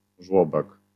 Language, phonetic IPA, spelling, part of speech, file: Polish, [ˈʒwɔbɛk], żłobek, noun, LL-Q809 (pol)-żłobek.wav